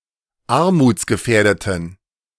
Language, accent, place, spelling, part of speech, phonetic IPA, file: German, Germany, Berlin, armutsgefährdeten, adjective, [ˈaʁmuːt͡sɡəˌfɛːɐ̯dətn̩], De-armutsgefährdeten.ogg
- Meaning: inflection of armutsgefährdet: 1. strong genitive masculine/neuter singular 2. weak/mixed genitive/dative all-gender singular 3. strong/weak/mixed accusative masculine singular 4. strong dative plural